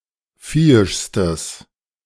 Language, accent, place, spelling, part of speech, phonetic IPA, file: German, Germany, Berlin, viehischstes, adjective, [ˈfiːɪʃstəs], De-viehischstes.ogg
- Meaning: strong/mixed nominative/accusative neuter singular superlative degree of viehisch